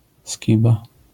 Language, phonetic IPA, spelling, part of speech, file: Polish, [ˈsʲciba], skiba, noun, LL-Q809 (pol)-skiba.wav